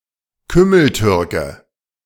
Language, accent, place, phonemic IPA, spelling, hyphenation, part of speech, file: German, Germany, Berlin, /ˈkʏml̩ˌtʏʁkə/, Kümmeltürke, Küm‧mel‧tür‧ke, noun, De-Kümmeltürke.ogg
- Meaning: 1. Turk; Middle Easterner 2. someone from the region of Halle, Germany 3. Philistine (someone who lacks appreciation for art or culture)